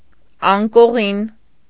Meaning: bed
- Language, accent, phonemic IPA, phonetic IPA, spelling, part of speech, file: Armenian, Eastern Armenian, /ɑnkoˈʁin/, [ɑŋkoʁín], անկողին, noun, Hy-անկողին.ogg